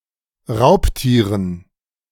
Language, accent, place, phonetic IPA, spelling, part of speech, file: German, Germany, Berlin, [ˈʁaʊ̯pˌtiːʁən], Raubtieren, noun, De-Raubtieren.ogg
- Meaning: dative plural of Raubtier